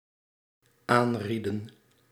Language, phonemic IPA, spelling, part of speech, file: Dutch, /ˈanridə(n)/, aanrieden, verb, Nl-aanrieden.ogg
- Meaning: inflection of aanraden: 1. plural dependent-clause past indicative 2. plural dependent-clause past subjunctive